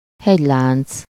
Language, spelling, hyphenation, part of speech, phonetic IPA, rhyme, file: Hungarian, hegylánc, hegy‧lánc, noun, [ˈhɛɟlaːnt͡s], -aːnt͡s, Hu-hegylánc.ogg
- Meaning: mountain range (line of mountains)